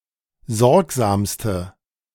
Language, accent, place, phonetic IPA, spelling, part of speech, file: German, Germany, Berlin, [ˈzɔʁkzaːmstə], sorgsamste, adjective, De-sorgsamste.ogg
- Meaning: inflection of sorgsam: 1. strong/mixed nominative/accusative feminine singular superlative degree 2. strong nominative/accusative plural superlative degree